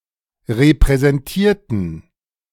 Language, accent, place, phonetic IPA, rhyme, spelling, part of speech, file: German, Germany, Berlin, [ʁepʁɛzɛnˈtiːɐ̯tn̩], -iːɐ̯tn̩, repräsentierten, adjective / verb, De-repräsentierten.ogg
- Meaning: inflection of repräsentieren: 1. first/third-person plural preterite 2. first/third-person plural subjunctive II